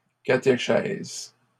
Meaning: catechesis
- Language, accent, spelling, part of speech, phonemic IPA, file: French, Canada, catéchèse, noun, /ka.te.ʃɛz/, LL-Q150 (fra)-catéchèse.wav